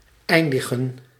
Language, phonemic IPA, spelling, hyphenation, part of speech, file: Dutch, /ˈɛi̯ndəɣə(n)/, eindigen, ein‧di‧gen, verb, Nl-eindigen.ogg
- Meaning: to end, to finish, to conclude, to come to an end